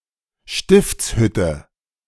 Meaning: tabernacle
- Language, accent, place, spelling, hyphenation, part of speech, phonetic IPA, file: German, Germany, Berlin, Stiftshütte, Stifts‧hüt‧te, noun, [ˈʃtɪft͡sˌhʏtə], De-Stiftshütte.ogg